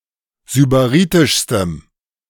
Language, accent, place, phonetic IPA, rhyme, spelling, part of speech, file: German, Germany, Berlin, [zybaˈʁiːtɪʃstəm], -iːtɪʃstəm, sybaritischstem, adjective, De-sybaritischstem.ogg
- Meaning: strong dative masculine/neuter singular superlative degree of sybaritisch